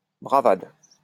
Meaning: bravado
- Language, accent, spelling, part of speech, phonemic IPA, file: French, France, bravade, noun, /bʁa.vad/, LL-Q150 (fra)-bravade.wav